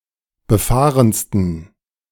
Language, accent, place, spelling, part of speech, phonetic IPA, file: German, Germany, Berlin, befahrensten, adjective, [bəˈfaːʁənstn̩], De-befahrensten.ogg
- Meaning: 1. superlative degree of befahren 2. inflection of befahren: strong genitive masculine/neuter singular superlative degree